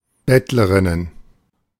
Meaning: plural of Bettlerin
- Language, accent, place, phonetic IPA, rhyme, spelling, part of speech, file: German, Germany, Berlin, [ˈbɛtləʁɪnən], -ɛtləʁɪnən, Bettlerinnen, noun, De-Bettlerinnen.ogg